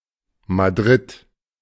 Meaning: Madrid (the capital city of Spain)
- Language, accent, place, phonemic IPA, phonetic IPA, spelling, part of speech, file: German, Germany, Berlin, /maˈdrɪt/, [mäˈdʁɪt], Madrid, proper noun, De-Madrid.ogg